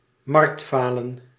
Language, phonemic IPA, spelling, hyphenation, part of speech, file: Dutch, /ˈmɑrktˌfaː.lə(n)/, marktfalen, markt‧fa‧len, noun, Nl-marktfalen.ogg
- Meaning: market failure